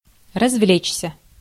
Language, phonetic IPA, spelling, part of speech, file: Russian, [rɐzˈvlʲet͡ɕsʲə], развлечься, verb, Ru-развлечься.ogg
- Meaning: to have fun, to have a good time, to amuse oneself